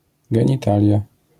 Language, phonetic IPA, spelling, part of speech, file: Polish, [ˌɡɛ̃ɲiˈtalʲja], genitalia, noun, LL-Q809 (pol)-genitalia.wav